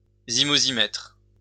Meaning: alternative form of zymosimètre
- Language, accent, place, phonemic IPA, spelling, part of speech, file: French, France, Lyon, /zi.mo.zi.mɛtʁ/, zymozimètre, noun, LL-Q150 (fra)-zymozimètre.wav